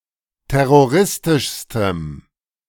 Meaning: strong dative masculine/neuter singular superlative degree of terroristisch
- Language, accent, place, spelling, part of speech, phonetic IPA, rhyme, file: German, Germany, Berlin, terroristischstem, adjective, [ˌtɛʁoˈʁɪstɪʃstəm], -ɪstɪʃstəm, De-terroristischstem.ogg